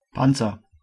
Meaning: 1. armour, armour plating, shield 2. ellipsis of Panzerkampfwagen (“tank”, literally “armored combat vehicle”) 3. suit of armour 4. shell, carapace 5. shield, protection
- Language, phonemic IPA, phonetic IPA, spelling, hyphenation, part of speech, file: German, /ˈpant͡sər/, [ˈpan.t͡sɐ], Panzer, Pan‧zer, noun, De-Panzer.ogg